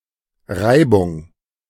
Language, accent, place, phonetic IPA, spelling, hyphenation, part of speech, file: German, Germany, Berlin, [ˈʁaɪ̯bʊŋ], Reibung, Rei‧bung, noun, De-Reibung.ogg
- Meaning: friction